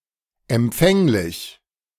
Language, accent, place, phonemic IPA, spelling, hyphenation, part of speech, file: German, Germany, Berlin, /ʔɛmˈpfɛŋlɪç/, empfänglich, em‧pfäng‧lich, adjective, De-empfänglich.ogg
- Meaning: susceptible, receptive